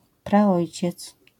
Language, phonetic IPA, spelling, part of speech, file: Polish, [praˈɔjt͡ɕɛt͡s], praojciec, noun, LL-Q809 (pol)-praojciec.wav